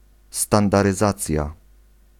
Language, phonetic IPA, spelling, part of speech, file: Polish, [ˌstãndarɨˈzat͡sʲja], standaryzacja, noun, Pl-standaryzacja.ogg